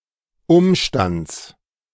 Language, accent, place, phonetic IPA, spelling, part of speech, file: German, Germany, Berlin, [ˈʊmʃtant͡s], Umstands, noun, De-Umstands.ogg
- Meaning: genitive singular of Umstand